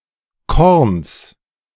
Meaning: genitive singular of Korn
- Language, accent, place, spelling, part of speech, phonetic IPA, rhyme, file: German, Germany, Berlin, Korns, noun, [kɔʁns], -ɔʁns, De-Korns.ogg